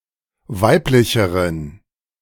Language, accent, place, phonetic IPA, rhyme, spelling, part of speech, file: German, Germany, Berlin, [ˈvaɪ̯plɪçəʁən], -aɪ̯plɪçəʁən, weiblicheren, adjective, De-weiblicheren.ogg
- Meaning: inflection of weiblich: 1. strong genitive masculine/neuter singular comparative degree 2. weak/mixed genitive/dative all-gender singular comparative degree